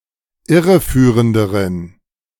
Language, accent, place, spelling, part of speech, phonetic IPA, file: German, Germany, Berlin, irreführenderen, adjective, [ˈɪʁəˌfyːʁəndəʁən], De-irreführenderen.ogg
- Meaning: inflection of irreführend: 1. strong genitive masculine/neuter singular comparative degree 2. weak/mixed genitive/dative all-gender singular comparative degree